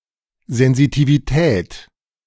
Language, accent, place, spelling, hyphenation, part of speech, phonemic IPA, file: German, Germany, Berlin, Sensitivität, Sen‧si‧ti‧vi‧tät, noun, /zɛnzitiviˈtɛːt/, De-Sensitivität.ogg
- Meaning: sensitivity